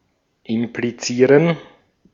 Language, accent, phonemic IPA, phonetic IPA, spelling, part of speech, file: German, Austria, /ɪmpliˈtsiːʁən/, [ʔɪmpliˈtsiːɐ̯n], implizieren, verb, De-at-implizieren.ogg
- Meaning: to imply (express suggestively)